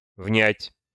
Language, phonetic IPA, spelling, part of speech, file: Russian, [vnʲætʲ], внять, verb, Ru-внять.ogg
- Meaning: to listen (to); to hear; to hark (to); to hearken; to heed, to pay heed